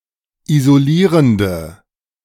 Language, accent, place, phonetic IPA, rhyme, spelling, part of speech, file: German, Germany, Berlin, [izoˈliːʁəndə], -iːʁəndə, isolierende, adjective, De-isolierende.ogg
- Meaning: inflection of isolierend: 1. strong/mixed nominative/accusative feminine singular 2. strong nominative/accusative plural 3. weak nominative all-gender singular